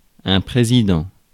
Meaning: 1. president 2. chairperson 3. Speaker
- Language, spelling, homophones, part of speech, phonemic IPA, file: French, président, présidant / présidents, noun, /pʁe.zi.dɑ̃/, Fr-président.ogg